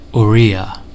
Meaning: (proper noun) Odia, the language spoken in the state of Odisha, India; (noun) An inhabitant of Odisha
- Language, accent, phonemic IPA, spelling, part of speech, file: English, US, /ɔˈrijə/, Oriya, proper noun / noun, En-us-Oriya.ogg